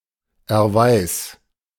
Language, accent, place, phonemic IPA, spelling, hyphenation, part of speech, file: German, Germany, Berlin, /ɛɐ̯ˈvaɪ̯s/, Erweis, Er‧weis, noun, De-Erweis.ogg
- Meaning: proof